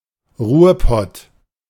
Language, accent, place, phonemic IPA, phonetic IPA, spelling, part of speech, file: German, Germany, Berlin, /ˈruːrˌpɔt/, [ˈʁu(ː)ɐ̯ˌpɔt], Ruhrpott, proper noun, De-Ruhrpott.ogg
- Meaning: Ruhr Area